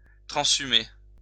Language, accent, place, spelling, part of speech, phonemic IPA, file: French, France, Lyon, transhumer, verb, /tʁɑ̃.zy.me/, LL-Q150 (fra)-transhumer.wav
- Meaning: 1. to move livestock according to transhumance 2. to move according to transhumance